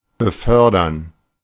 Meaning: 1. to move; to convey; to transport; to carry 2. to promote, to raise (an employee's, soldier's, etc.) responsibility or rank 3. to promote (a development)
- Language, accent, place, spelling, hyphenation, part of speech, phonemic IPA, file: German, Germany, Berlin, befördern, be‧för‧dern, verb, /bəˈfœrdərn/, De-befördern.ogg